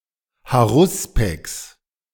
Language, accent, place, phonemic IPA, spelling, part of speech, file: German, Germany, Berlin, /haˈʁʊspɛks/, Haruspex, noun, De-Haruspex.ogg
- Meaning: haruspex